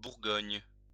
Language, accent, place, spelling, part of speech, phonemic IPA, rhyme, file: French, France, Lyon, bourgogne, noun, /buʁ.ɡɔɲ/, -ɔɲ, LL-Q150 (fra)-bourgogne.wav
- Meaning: Burgundy wine